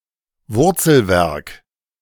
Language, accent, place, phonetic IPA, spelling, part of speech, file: German, Germany, Berlin, [ˈvʊʁt͡sl̩ˌvɛʁk], Wurzelwerk, noun, De-Wurzelwerk.ogg
- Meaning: 1. root system of a plant 2. root vegetable